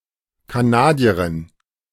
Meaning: Canadian (female) (a woman or girl from Canada)
- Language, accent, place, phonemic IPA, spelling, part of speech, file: German, Germany, Berlin, /kaˈnaːdiɐʁɪn/, Kanadierin, noun, De-Kanadierin.ogg